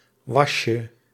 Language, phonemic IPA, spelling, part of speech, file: Dutch, /ˈwɑʃə/, wasje, noun, Nl-wasje.ogg
- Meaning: diminutive of was